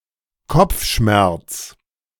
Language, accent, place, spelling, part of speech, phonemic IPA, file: German, Germany, Berlin, Kopfschmerz, noun, /ˈkɔp͡fˌʃmɛʁt͡s/, De-Kopfschmerz.ogg
- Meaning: headache